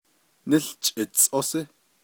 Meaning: November
- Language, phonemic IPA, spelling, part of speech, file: Navajo, /nɪ́ɬt͡ʃʼɪ̀t͡sʼósɪ́/, Níłchʼitsʼósí, noun, Nv-Níłchʼitsʼósí.ogg